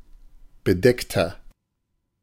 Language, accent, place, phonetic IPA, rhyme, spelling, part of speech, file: German, Germany, Berlin, [bəˈdɛktɐ], -ɛktɐ, bedeckter, adjective, De-bedeckter.ogg
- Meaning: 1. comparative degree of bedeckt 2. inflection of bedeckt: strong/mixed nominative masculine singular 3. inflection of bedeckt: strong genitive/dative feminine singular